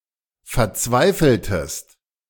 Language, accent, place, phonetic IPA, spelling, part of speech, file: German, Germany, Berlin, [fɛɐ̯ˈt͡svaɪ̯fl̩təst], verzweifeltest, verb, De-verzweifeltest.ogg
- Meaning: inflection of verzweifeln: 1. second-person singular preterite 2. second-person singular subjunctive II